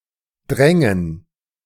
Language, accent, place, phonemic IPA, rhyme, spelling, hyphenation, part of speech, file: German, Germany, Berlin, /ˈdʁɛŋən/, -ɛŋən, Drängen, Drän‧gen, noun, De-Drängen.ogg
- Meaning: 1. gerund of drängen 2. dative plural of Drang